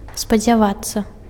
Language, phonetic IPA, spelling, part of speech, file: Belarusian, [spad͡zʲaˈvat͡sːa], спадзявацца, verb, Be-спадзявацца.ogg
- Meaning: to hope